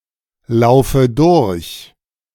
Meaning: inflection of durchlaufen: 1. first-person singular present 2. first/third-person singular subjunctive I 3. singular imperative
- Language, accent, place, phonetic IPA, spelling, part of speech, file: German, Germany, Berlin, [ˌlaʊ̯fə ˈdʊʁç], laufe durch, verb, De-laufe durch.ogg